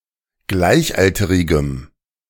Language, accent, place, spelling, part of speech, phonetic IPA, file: German, Germany, Berlin, gleichalterigem, adjective, [ˈɡlaɪ̯çˌʔaltəʁɪɡəm], De-gleichalterigem.ogg
- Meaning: strong dative masculine/neuter singular of gleichalterig